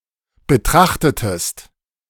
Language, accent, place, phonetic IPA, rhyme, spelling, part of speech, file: German, Germany, Berlin, [bəˈtʁaxtətəst], -axtətəst, betrachtetest, verb, De-betrachtetest.ogg
- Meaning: inflection of betrachten: 1. second-person singular preterite 2. second-person singular subjunctive II